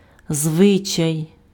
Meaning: 1. custom, tradition, usage, folkway 2. habit, manner 3. manners, etiquette
- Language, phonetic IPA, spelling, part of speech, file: Ukrainian, [ˈzʋɪt͡ʃɐi̯], звичай, noun, Uk-звичай.ogg